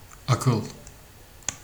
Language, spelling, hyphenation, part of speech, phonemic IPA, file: Turkish, akıl, a‧kıl, noun, /ɑ.kɯɫ/, Tr tr akıl.ogg
- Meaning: 1. mind 2. reason, intelligence, intellect 3. memory 4. wisdom, wiseness, sapience